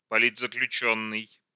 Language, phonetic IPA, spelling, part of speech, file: Russian, [pɐˌlʲid͡zzəklʲʉˈt͡ɕɵnːɨj], политзаключённый, noun, Ru-политзаключённый.ogg
- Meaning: political prisoner (a person imprisoned for their political views or political activism)